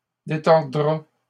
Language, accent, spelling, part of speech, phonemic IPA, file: French, Canada, détordra, verb, /de.tɔʁ.dʁa/, LL-Q150 (fra)-détordra.wav
- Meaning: third-person singular simple future of détordre